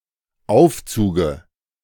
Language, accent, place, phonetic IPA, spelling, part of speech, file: German, Germany, Berlin, [ˈaʊ̯ft͡suːɡə], Aufzuge, noun, De-Aufzuge.ogg
- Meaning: dative singular of Aufzug